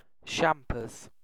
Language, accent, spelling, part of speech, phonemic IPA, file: English, UK, champers, noun, /ˈʃæmpə(ɹ)z/, En-uk-champers.ogg
- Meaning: Champagne (wine)